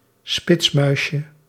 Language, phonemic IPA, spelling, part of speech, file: Dutch, /ˈspɪtsmœyʃə/, spitsmuisje, noun, Nl-spitsmuisje.ogg
- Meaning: diminutive of spitsmuis